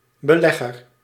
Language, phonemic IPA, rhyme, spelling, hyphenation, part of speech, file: Dutch, /bəˈlɛ.ɣər/, -ɛɣər, belegger, be‧leg‧ger, noun, Nl-belegger.ogg
- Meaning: investor